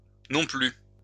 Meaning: 1. either 2. neither
- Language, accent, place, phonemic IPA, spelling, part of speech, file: French, France, Lyon, /nɔ̃ ply/, non plus, adverb, LL-Q150 (fra)-non plus.wav